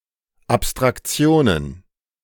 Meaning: plural of Abstraktion
- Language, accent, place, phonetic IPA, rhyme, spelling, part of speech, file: German, Germany, Berlin, [apstʁakˈt͡si̯oːnən], -oːnən, Abstraktionen, noun, De-Abstraktionen.ogg